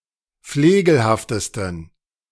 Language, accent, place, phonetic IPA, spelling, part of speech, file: German, Germany, Berlin, [ˈfleːɡl̩haftəstn̩], flegelhaftesten, adjective, De-flegelhaftesten.ogg
- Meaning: 1. superlative degree of flegelhaft 2. inflection of flegelhaft: strong genitive masculine/neuter singular superlative degree